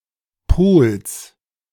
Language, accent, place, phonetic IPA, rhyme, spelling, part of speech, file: German, Germany, Berlin, [poːls], -oːls, Pohls, noun, De-Pohls.ogg
- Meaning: genitive singular of Pohl